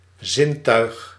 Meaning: 1. sense (means of perceiving) 2. sense organ
- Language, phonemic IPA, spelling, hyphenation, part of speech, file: Dutch, /ˈzɪn.tœy̯x/, zintuig, zin‧tuig, noun, Nl-zintuig.ogg